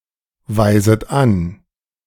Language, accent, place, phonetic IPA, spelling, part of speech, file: German, Germany, Berlin, [vaɪ̯zət ˈan], weiset an, verb, De-weiset an.ogg
- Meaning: second-person plural subjunctive I of anweisen